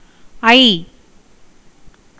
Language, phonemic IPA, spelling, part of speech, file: Tamil, /ɐɪ̯/, ஐ, character / adjective / interjection / noun, Ta-ஐ.ogg
- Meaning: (character) The ninth vowel in Tamil; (adjective) five; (interjection) an expression of joy; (noun) 1. wonder, astonishment 2. beauty 3. phlegm 4. lord, master